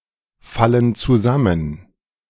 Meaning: inflection of zusammenfallen: 1. first/third-person plural present 2. first/third-person plural subjunctive I
- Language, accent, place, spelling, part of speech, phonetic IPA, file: German, Germany, Berlin, fallen zusammen, verb, [ˌfalən t͡suˈzamən], De-fallen zusammen.ogg